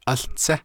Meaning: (particle) 1. first 2. before; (interjection) wait, hold on
- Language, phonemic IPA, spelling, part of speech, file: Navajo, /ʔɑ́ɬt͡sʰɛ́/, áłtsé, particle / interjection, Nv-áłtsé.ogg